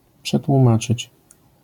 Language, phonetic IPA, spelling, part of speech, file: Polish, [ˌpʃɛtwũˈmat͡ʃɨt͡ɕ], przetłumaczyć, verb, LL-Q809 (pol)-przetłumaczyć.wav